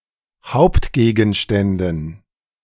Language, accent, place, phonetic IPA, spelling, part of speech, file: German, Germany, Berlin, [ˈhaʊ̯ptɡeːɡn̩ˌʃtɛndn̩], Hauptgegenständen, noun, De-Hauptgegenständen.ogg
- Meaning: dative plural of Hauptgegenstand